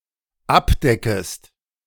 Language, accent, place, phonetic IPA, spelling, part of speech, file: German, Germany, Berlin, [ˈapˌdɛkəst], abdeckest, verb, De-abdeckest.ogg
- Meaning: second-person singular dependent subjunctive I of abdecken